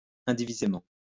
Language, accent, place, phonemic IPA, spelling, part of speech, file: French, France, Lyon, /ɛ̃.di.vi.ze.mɑ̃/, indivisément, adverb, LL-Q150 (fra)-indivisément.wav
- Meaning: undividedly